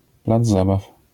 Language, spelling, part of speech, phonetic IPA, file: Polish, plac zabaw, noun, [ˈplad͡z ˈzabaf], LL-Q809 (pol)-plac zabaw.wav